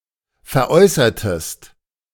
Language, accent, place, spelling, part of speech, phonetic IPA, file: German, Germany, Berlin, veräußertest, verb, [fɛɐ̯ˈʔɔɪ̯sɐtəst], De-veräußertest.ogg
- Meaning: inflection of veräußern: 1. second-person singular preterite 2. second-person singular subjunctive II